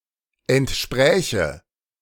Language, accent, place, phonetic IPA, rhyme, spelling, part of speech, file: German, Germany, Berlin, [ɛntˈʃpʁɛːçə], -ɛːçə, entspräche, verb, De-entspräche.ogg
- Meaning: first/third-person singular subjunctive II of entsprechen